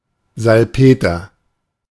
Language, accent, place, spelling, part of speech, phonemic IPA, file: German, Germany, Berlin, Salpeter, noun, /zalˈpeːtɐ/, De-Salpeter.ogg
- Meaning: niter, saltpeter (US); nitre, saltpetre (UK)